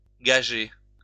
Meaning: 1. to guarantee 2. to wager or bet
- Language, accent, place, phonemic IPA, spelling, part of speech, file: French, France, Lyon, /ɡa.ʒe/, gager, verb, LL-Q150 (fra)-gager.wav